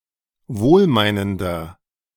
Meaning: inflection of wohlmeinend: 1. strong/mixed nominative masculine singular 2. strong genitive/dative feminine singular 3. strong genitive plural
- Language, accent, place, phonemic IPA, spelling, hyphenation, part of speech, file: German, Germany, Berlin, /ˈvoːlˌmaɪ̯nəndɐ/, wohlmeinender, wohl‧mei‧nen‧der, adjective, De-wohlmeinender.ogg